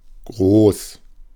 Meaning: 1. big, large, large-scale 2. great, grand 3. tall 4. pertaining to defecation
- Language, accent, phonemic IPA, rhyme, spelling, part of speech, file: German, Germany, /ɡʁoːs/, -oːs, groß, adjective, De-groß2.ogg